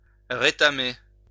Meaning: 1. to tin-plate again 2. to wear out 3. to fall on the ground spectacularly 4. to fail spectacularly
- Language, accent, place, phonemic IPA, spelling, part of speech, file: French, France, Lyon, /ʁe.ta.me/, rétamer, verb, LL-Q150 (fra)-rétamer.wav